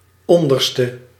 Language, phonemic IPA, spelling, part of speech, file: Dutch, /ˈɔndərstə/, onderste, adjective, Nl-onderste.ogg
- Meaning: inflection of onderst: 1. masculine/feminine singular attributive 2. definite neuter singular attributive 3. plural attributive